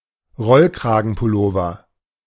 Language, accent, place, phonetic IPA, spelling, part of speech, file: German, Germany, Berlin, [ˈʁɔlkʁaːɡn̩pʊˌloːvɐ], Rollkragenpullover, noun, De-Rollkragenpullover.ogg
- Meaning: turtleneck sweater